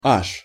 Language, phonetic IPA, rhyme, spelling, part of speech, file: Russian, [aʂ], -aʂ, аж, adverb, Ru-аж.ogg
- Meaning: 1. even 2. as many as, as much as, all the way to (a word used for emphasis)